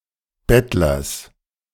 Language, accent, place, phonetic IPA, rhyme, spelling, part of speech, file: German, Germany, Berlin, [ˈbɛtlɐs], -ɛtlɐs, Bettlers, noun, De-Bettlers.ogg
- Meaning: genitive singular of Bettler